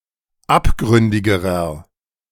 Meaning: inflection of abgründig: 1. strong/mixed nominative masculine singular comparative degree 2. strong genitive/dative feminine singular comparative degree 3. strong genitive plural comparative degree
- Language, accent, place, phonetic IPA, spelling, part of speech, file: German, Germany, Berlin, [ˈapˌɡʁʏndɪɡəʁɐ], abgründigerer, adjective, De-abgründigerer.ogg